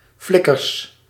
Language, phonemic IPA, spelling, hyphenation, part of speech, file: Dutch, /ˈflɪ.kərs/, flikkers, flik‧kers, noun, Nl-flikkers.ogg
- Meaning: plural of flikker